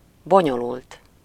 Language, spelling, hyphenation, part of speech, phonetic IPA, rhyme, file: Hungarian, bonyolult, bo‧nyo‧lult, adjective, [ˈboɲolult], -ult, Hu-bonyolult.ogg
- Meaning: complicated